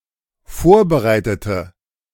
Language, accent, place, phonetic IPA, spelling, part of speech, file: German, Germany, Berlin, [ˈfoːɐ̯bəˌʁaɪ̯tətə], vorbereitete, adjective / verb, De-vorbereitete.ogg
- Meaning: inflection of vorbereiten: 1. first/third-person singular dependent preterite 2. first/third-person singular dependent subjunctive II